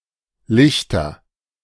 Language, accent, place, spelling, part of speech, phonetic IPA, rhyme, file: German, Germany, Berlin, Lichter, proper noun / noun, [ˈlɪçtɐ], -ɪçtɐ, De-Lichter.ogg
- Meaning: nominative/accusative/genitive plural of Licht